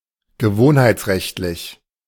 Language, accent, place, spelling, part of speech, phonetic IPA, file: German, Germany, Berlin, gewohnheitsrechtlich, adjective, [ɡəˈvoːnhaɪ̯t͡sˌʁɛçtlɪç], De-gewohnheitsrechtlich.ogg
- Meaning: customary